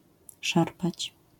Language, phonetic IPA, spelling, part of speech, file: Polish, [ˈʃarpat͡ɕ], szarpać, verb, LL-Q809 (pol)-szarpać.wav